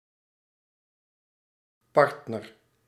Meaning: 1. partner, love interest, romantic and/or sexual companion 2. partner, companion (someone whom one engages in business)
- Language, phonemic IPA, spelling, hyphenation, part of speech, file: Dutch, /ˈpɑrt.nər/, partner, part‧ner, noun, Nl-partner.ogg